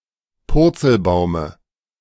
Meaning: dative of Purzelbaum
- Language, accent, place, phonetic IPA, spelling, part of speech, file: German, Germany, Berlin, [ˈpʊʁt͡sl̩ˌbaʊ̯mə], Purzelbaume, noun, De-Purzelbaume.ogg